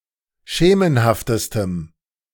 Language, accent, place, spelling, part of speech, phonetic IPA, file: German, Germany, Berlin, schemenhaftestem, adjective, [ˈʃeːmənhaftəstəm], De-schemenhaftestem.ogg
- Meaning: strong dative masculine/neuter singular superlative degree of schemenhaft